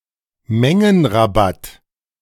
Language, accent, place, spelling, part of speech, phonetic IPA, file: German, Germany, Berlin, Mengenrabatt, noun, [ˈmɛŋənʁaˌbat], De-Mengenrabatt.ogg
- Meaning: bulk / quantity discount